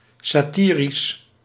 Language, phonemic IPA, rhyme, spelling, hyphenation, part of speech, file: Dutch, /ˌsaːˈtiː.ris/, -iːris, satirisch, sa‧ti‧risch, adjective, Nl-satirisch.ogg
- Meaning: satiric, satirical